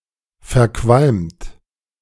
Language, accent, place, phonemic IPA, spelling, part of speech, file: German, Germany, Berlin, /fɛɐ̯ˈkvalmt/, verqualmt, verb / adjective, De-verqualmt.ogg
- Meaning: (verb) past participle of verqualmen; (adjective) smoke-filled